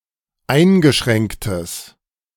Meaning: strong/mixed nominative/accusative neuter singular of eingeschränkt
- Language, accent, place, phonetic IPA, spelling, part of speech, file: German, Germany, Berlin, [ˈaɪ̯nɡəˌʃʁɛŋktəs], eingeschränktes, adjective, De-eingeschränktes.ogg